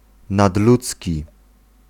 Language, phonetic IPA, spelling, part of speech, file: Polish, [nadˈlut͡sʲci], nadludzki, adjective, Pl-nadludzki.ogg